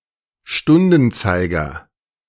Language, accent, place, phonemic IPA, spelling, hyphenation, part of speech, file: German, Germany, Berlin, /ˈʃtʊndənˌtsaɪ̯ɡɐ/, Stundenzeiger, Stun‧den‧zei‧ger, noun, De-Stundenzeiger.ogg
- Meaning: hour hand